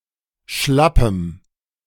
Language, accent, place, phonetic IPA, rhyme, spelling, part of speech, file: German, Germany, Berlin, [ˈʃlapəm], -apəm, schlappem, adjective, De-schlappem.ogg
- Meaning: strong dative masculine/neuter singular of schlapp